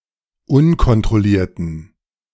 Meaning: inflection of unkontrolliert: 1. strong genitive masculine/neuter singular 2. weak/mixed genitive/dative all-gender singular 3. strong/weak/mixed accusative masculine singular 4. strong dative plural
- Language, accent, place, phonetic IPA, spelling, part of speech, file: German, Germany, Berlin, [ˈʊnkɔntʁɔˌliːɐ̯tn̩], unkontrollierten, adjective, De-unkontrollierten.ogg